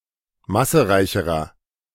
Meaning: inflection of massereich: 1. strong/mixed nominative masculine singular comparative degree 2. strong genitive/dative feminine singular comparative degree 3. strong genitive plural comparative degree
- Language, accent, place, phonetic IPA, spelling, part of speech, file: German, Germany, Berlin, [ˈmasəˌʁaɪ̯çəʁɐ], massereicherer, adjective, De-massereicherer.ogg